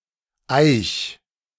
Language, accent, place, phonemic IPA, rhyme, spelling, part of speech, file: German, Germany, Berlin, /ʔaɪ̯ç/, -aɪ̯ç, eich, verb, De-eich.ogg
- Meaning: 1. singular imperative of eichen 2. first-person singular present of eichen